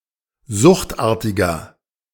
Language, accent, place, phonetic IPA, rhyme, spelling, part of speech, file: German, Germany, Berlin, [ˈzʊxtˌʔaːɐ̯tɪɡɐ], -ʊxtʔaːɐ̯tɪɡɐ, suchtartiger, adjective, De-suchtartiger.ogg
- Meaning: inflection of suchtartig: 1. strong/mixed nominative masculine singular 2. strong genitive/dative feminine singular 3. strong genitive plural